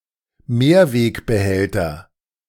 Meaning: reusable container
- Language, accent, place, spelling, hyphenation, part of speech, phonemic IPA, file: German, Germany, Berlin, Mehrwegbehälter, Mehr‧weg‧be‧häl‧ter, noun, /ˈmeːɐ̯veːkbəˌhɛltɐ/, De-Mehrwegbehälter.ogg